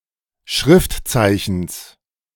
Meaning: genitive singular of Schriftzeichen
- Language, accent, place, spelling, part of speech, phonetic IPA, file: German, Germany, Berlin, Schriftzeichens, noun, [ˈʃʁɪftˌt͡saɪ̯çn̩s], De-Schriftzeichens.ogg